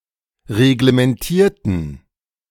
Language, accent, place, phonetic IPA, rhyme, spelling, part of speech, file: German, Germany, Berlin, [ʁeɡləmɛnˈtiːɐ̯tn̩], -iːɐ̯tn̩, reglementierten, adjective / verb, De-reglementierten.ogg
- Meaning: inflection of reglementieren: 1. first/third-person plural preterite 2. first/third-person plural subjunctive II